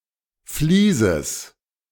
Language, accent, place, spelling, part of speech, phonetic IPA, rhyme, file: German, Germany, Berlin, Vlieses, noun, [fliːzəs], -iːzəs, De-Vlieses.ogg
- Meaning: genitive of Vlies